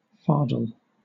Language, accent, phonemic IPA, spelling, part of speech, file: English, Southern England, /ˈfɑː(ɹ)dəl/, fardel, noun / verb, LL-Q1860 (eng)-fardel.wav
- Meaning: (noun) 1. A fourth part: a quarter of anything 2. An English unit of land area variously understood as the fourth part of an oxgang or of a yardland 3. A bundle or burden